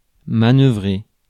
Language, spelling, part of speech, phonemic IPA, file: French, manœuvrer, verb, /ma.nœ.vʁe/, Fr-manœuvrer.ogg
- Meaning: to maneuver